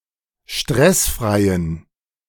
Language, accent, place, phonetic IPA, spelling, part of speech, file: German, Germany, Berlin, [ˈʃtʁɛsˌfʁaɪ̯ən], stressfreien, adjective, De-stressfreien.ogg
- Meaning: inflection of stressfrei: 1. strong genitive masculine/neuter singular 2. weak/mixed genitive/dative all-gender singular 3. strong/weak/mixed accusative masculine singular 4. strong dative plural